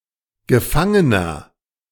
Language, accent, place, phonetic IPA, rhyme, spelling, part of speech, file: German, Germany, Berlin, [ɡəˈfaŋənɐ], -aŋənɐ, gefangener, adjective, De-gefangener.ogg
- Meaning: inflection of gefangen: 1. strong/mixed nominative masculine singular 2. strong genitive/dative feminine singular 3. strong genitive plural